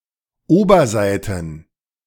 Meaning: plural of Oberseite
- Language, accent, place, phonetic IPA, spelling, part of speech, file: German, Germany, Berlin, [ˈoːbɐˌzaɪ̯tn̩], Oberseiten, noun, De-Oberseiten.ogg